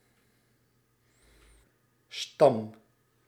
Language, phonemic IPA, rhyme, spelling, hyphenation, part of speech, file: Dutch, /stɑm/, -ɑm, stam, stam, noun / verb, Nl-stam.ogg
- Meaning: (noun) 1. trunk of a tree 2. stem 3. tribe, clan 4. phylum; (verb) inflection of stammen: 1. first-person singular present indicative 2. second-person singular present indicative 3. imperative